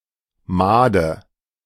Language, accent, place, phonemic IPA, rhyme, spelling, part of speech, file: German, Germany, Berlin, /ˈmaːdə/, -aːdə, Made, noun, De-Made.ogg
- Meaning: maggot (soft, legless larva)